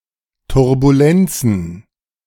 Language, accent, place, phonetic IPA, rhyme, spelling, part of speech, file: German, Germany, Berlin, [tʊʁbuˈlɛnt͡sn̩], -ɛnt͡sn̩, Turbulenzen, noun, De-Turbulenzen.ogg
- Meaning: plural of Turbulenz